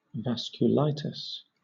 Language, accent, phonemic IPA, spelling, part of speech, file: English, Southern England, /ˌvæskjʊˈlaɪtɪs/, vasculitis, noun, LL-Q1860 (eng)-vasculitis.wav
- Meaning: A group of diseases featuring inflammation of the wall of blood vessels